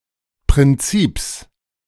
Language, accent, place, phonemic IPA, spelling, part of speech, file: German, Germany, Berlin, /pʁɪnˈtsiːps/, Prinzips, noun, De-Prinzips.ogg
- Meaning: genitive singular of Prinzip